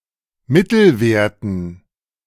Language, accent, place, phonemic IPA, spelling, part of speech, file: German, Germany, Berlin, /ˈmɪtl̩vɛʁtn̩/, Mittelwerten, noun, De-Mittelwerten.ogg
- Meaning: dative plural of Mittelwert